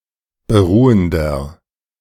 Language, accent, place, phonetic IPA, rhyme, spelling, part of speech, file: German, Germany, Berlin, [bəˈʁuːəndɐ], -uːəndɐ, beruhender, adjective, De-beruhender.ogg
- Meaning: inflection of beruhend: 1. strong/mixed nominative masculine singular 2. strong genitive/dative feminine singular 3. strong genitive plural